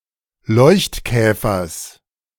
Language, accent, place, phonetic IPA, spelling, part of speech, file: German, Germany, Berlin, [ˈlɔɪ̯çtˌkɛːfɐs], Leuchtkäfers, noun, De-Leuchtkäfers.ogg
- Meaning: genitive singular of Leuchtkäfer